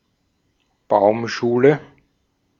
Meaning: nursery
- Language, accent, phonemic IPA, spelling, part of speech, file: German, Austria, /ˈbaʊ̯mˌʃuːlə/, Baumschule, noun, De-at-Baumschule.ogg